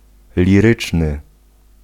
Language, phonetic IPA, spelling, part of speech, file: Polish, [lʲiˈrɨt͡ʃnɨ], liryczny, adjective, Pl-liryczny.ogg